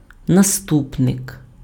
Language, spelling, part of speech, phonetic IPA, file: Ukrainian, наступник, noun, [nɐˈstupnek], Uk-наступник.ogg
- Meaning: successor